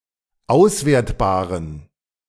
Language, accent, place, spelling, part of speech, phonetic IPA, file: German, Germany, Berlin, auswertbaren, adjective, [ˈaʊ̯sˌveːɐ̯tbaːʁən], De-auswertbaren.ogg
- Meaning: inflection of auswertbar: 1. strong genitive masculine/neuter singular 2. weak/mixed genitive/dative all-gender singular 3. strong/weak/mixed accusative masculine singular 4. strong dative plural